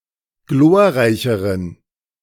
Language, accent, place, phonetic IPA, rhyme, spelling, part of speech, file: German, Germany, Berlin, [ˈɡloːɐ̯ˌʁaɪ̯çəʁən], -oːɐ̯ʁaɪ̯çəʁən, glorreicheren, adjective, De-glorreicheren.ogg
- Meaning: inflection of glorreich: 1. strong genitive masculine/neuter singular comparative degree 2. weak/mixed genitive/dative all-gender singular comparative degree